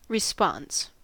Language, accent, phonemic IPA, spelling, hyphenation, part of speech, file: English, US, /ɹɪˈspɑns/, response, re‧sponse, noun, En-us-response.ogg
- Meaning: 1. An answer or reply, or something in the nature of an answer or reply 2. The act of responding or replying; reply: as, to speak in response to a question 3. An oracular answer